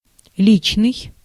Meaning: 1. personal (relating to a particular person) 2. personal
- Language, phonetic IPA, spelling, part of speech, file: Russian, [ˈlʲit͡ɕnɨj], личный, adjective, Ru-личный.ogg